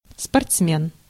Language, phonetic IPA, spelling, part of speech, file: Russian, [spɐrt͡sˈmʲen], спортсмен, noun, Ru-спортсмен.ogg
- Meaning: athlete, sportsman